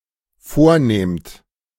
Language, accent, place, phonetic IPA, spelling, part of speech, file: German, Germany, Berlin, [ˈfoːɐ̯ˌneːmt], vornehmt, verb, De-vornehmt.ogg
- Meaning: second-person plural dependent present of vornehmen